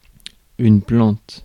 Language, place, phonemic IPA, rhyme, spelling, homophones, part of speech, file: French, Paris, /plɑ̃t/, -ɑ̃t, plante, plantent / plantes, noun / verb, Fr-plante.ogg
- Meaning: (noun) 1. sole of the foot 2. plant; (verb) inflection of planter: 1. first/third-person singular present indicative/subjunctive 2. second-person singular imperative